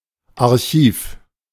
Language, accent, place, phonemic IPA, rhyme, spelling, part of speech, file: German, Germany, Berlin, /aʁˈçiːf/, -iːf, Archiv, noun, De-Archiv.ogg
- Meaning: archive